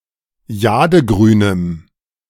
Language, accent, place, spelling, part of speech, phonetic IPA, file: German, Germany, Berlin, jadegrünem, adjective, [ˈjaːdəˌɡʁyːnəm], De-jadegrünem.ogg
- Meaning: strong dative masculine/neuter singular of jadegrün